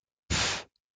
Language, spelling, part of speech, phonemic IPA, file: French, pff, interjection, /pf/, LL-Q150 (fra)-pff.wav
- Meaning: pff